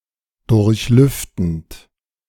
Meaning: present participle of durchlüften
- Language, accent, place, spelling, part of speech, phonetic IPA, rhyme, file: German, Germany, Berlin, durchlüftend, verb, [ˌdʊʁçˈlʏftn̩t], -ʏftn̩t, De-durchlüftend.ogg